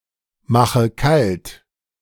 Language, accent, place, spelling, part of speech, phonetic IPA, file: German, Germany, Berlin, mache kalt, verb, [ˌmaxə ˈkalt], De-mache kalt.ogg
- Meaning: inflection of kaltmachen: 1. first-person singular present 2. first/third-person singular subjunctive I 3. singular imperative